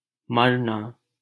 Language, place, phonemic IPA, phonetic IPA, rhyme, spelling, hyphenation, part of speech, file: Hindi, Delhi, /məɾ.nɑː/, [mɐɾ.näː], -əɾnɑː, मरना, मर‧ना, verb, LL-Q1568 (hin)-मरना.wav
- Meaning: 1. to die, to perish 2. to fade, to wither, to dry up, 3. to cease, to extinguish, to vanish, to be settled or subdued 4. to be absorbed or soaked up (as of a liquid)